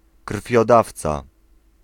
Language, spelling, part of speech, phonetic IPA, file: Polish, krwiodawca, noun, [kr̥fʲjɔˈdaft͡sa], Pl-krwiodawca.ogg